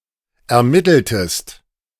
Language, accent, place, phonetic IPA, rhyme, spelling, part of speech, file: German, Germany, Berlin, [ɛɐ̯ˈmɪtl̩təst], -ɪtl̩təst, ermitteltest, verb, De-ermitteltest.ogg
- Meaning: inflection of ermitteln: 1. second-person singular preterite 2. second-person singular subjunctive II